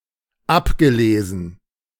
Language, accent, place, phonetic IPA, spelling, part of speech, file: German, Germany, Berlin, [ˈapɡəˌleːzn̩], abgelesen, verb, De-abgelesen.ogg
- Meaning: past participle of ablesen